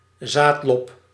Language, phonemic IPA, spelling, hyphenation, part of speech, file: Dutch, /ˈzaːt.lɔp/, zaadlob, zaad‧lob, noun, Nl-zaadlob.ogg
- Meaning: a cotyledon